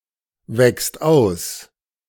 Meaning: second/third-person singular present of auswachsen
- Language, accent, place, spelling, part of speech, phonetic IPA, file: German, Germany, Berlin, wächst aus, verb, [ˌvɛkst ˈaʊ̯s], De-wächst aus.ogg